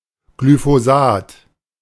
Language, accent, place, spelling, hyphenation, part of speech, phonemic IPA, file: German, Germany, Berlin, Glyphosat, Gly‧pho‧sat, noun, /ɡlyfoˈzaːt/, De-Glyphosat.ogg
- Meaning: glyphosate